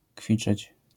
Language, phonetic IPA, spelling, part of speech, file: Polish, [ˈkfʲit͡ʃɛt͡ɕ], kwiczeć, verb, LL-Q809 (pol)-kwiczeć.wav